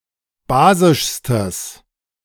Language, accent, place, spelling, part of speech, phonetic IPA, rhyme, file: German, Germany, Berlin, basischstes, adjective, [ˈbaːzɪʃstəs], -aːzɪʃstəs, De-basischstes.ogg
- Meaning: strong/mixed nominative/accusative neuter singular superlative degree of basisch